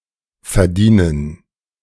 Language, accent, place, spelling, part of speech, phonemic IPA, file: German, Germany, Berlin, verdienen, verb, /fɛɐ̯ˈdiːnən/, De-verdienen2.ogg
- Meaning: 1. to make money, to earn 2. to deserve